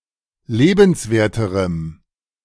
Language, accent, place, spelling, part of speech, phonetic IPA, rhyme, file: German, Germany, Berlin, lebenswerterem, adjective, [ˈleːbn̩sˌveːɐ̯təʁəm], -eːbn̩sveːɐ̯təʁəm, De-lebenswerterem.ogg
- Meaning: strong dative masculine/neuter singular comparative degree of lebenswert